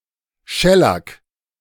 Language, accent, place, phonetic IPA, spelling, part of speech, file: German, Germany, Berlin, [ˈʃɛlak], Schellack, noun, De-Schellack.ogg
- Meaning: shellac